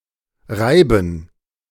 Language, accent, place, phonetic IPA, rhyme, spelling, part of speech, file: German, Germany, Berlin, [ˈʁaɪ̯bn̩], -aɪ̯bn̩, Reiben, noun, De-Reiben.ogg
- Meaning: 1. plural of Reibe 2. gerund of reiben